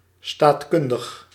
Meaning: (adjective) political; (adverb) politically
- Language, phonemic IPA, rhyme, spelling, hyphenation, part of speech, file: Dutch, /ˌstaːtˈkʏn.dəx/, -ʏndəx, staatkundig, staat‧kun‧dig, adjective / adverb, Nl-staatkundig.ogg